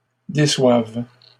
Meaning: third-person plural present indicative/subjunctive of décevoir
- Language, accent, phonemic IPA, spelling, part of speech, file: French, Canada, /de.swav/, déçoivent, verb, LL-Q150 (fra)-déçoivent.wav